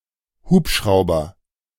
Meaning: helicopter
- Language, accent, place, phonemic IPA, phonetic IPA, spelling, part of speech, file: German, Germany, Berlin, /ˈhuːpˌʃraʊ̯bər/, [ˈhuːpˌʃʁao̯bɐ], Hubschrauber, noun, De-Hubschrauber.ogg